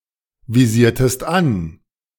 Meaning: inflection of anvisieren: 1. second-person singular preterite 2. second-person singular subjunctive II
- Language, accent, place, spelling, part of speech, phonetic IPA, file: German, Germany, Berlin, visiertest an, verb, [viˌziːɐ̯təst ˈan], De-visiertest an.ogg